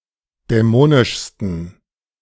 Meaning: 1. superlative degree of dämonisch 2. inflection of dämonisch: strong genitive masculine/neuter singular superlative degree
- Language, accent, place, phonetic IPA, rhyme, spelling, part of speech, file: German, Germany, Berlin, [dɛˈmoːnɪʃstn̩], -oːnɪʃstn̩, dämonischsten, adjective, De-dämonischsten.ogg